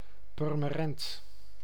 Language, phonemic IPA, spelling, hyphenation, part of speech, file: Dutch, /ˌpʏr.məˈrɛnt/, Purmerend, Pur‧me‧rend, proper noun, Nl-Purmerend.ogg
- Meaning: Purmerend (a city and municipality of North Holland, Netherlands)